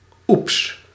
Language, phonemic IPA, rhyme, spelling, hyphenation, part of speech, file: Dutch, /ups/, -ups, oeps, oeps, interjection, Nl-oeps.ogg
- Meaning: oops (exclamation used to acknowledge a minor mistake)